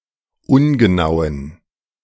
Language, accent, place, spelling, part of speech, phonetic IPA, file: German, Germany, Berlin, ungenauen, adjective, [ˈʊnɡəˌnaʊ̯ən], De-ungenauen.ogg
- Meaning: inflection of ungenau: 1. strong genitive masculine/neuter singular 2. weak/mixed genitive/dative all-gender singular 3. strong/weak/mixed accusative masculine singular 4. strong dative plural